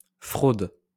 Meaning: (noun) 1. fraud 2. cheating; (verb) inflection of frauder: 1. first/third-person singular present indicative/subjunctive 2. second-person singular present imperative
- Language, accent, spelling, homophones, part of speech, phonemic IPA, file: French, France, fraude, fraudent / fraudes, noun / verb, /fʁod/, LL-Q150 (fra)-fraude.wav